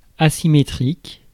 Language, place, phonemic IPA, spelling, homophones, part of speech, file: French, Paris, /a.si.me.tʁik/, asymétrique, asymétriques, adjective, Fr-asymétrique.ogg
- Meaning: asymmetric, without symmetry